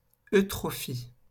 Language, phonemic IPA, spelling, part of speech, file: French, /ø.tʁɔ.fi/, eutrophie, noun, LL-Q150 (fra)-eutrophie.wav
- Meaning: eutrophy